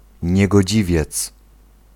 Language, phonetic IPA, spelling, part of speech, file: Polish, [ˌɲɛɡɔˈd͡ʑivʲjɛt͡s], niegodziwiec, noun, Pl-niegodziwiec.ogg